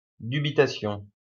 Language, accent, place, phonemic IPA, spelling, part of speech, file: French, France, Lyon, /dy.bi.ta.sjɔ̃/, dubitation, noun, LL-Q150 (fra)-dubitation.wav
- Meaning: 1. dubitation: the action of putting in doubt, or a state of doubt 2. a figure of speech, a passage in which a writer or speaker expresses or feigns doubt, for example to forestall objections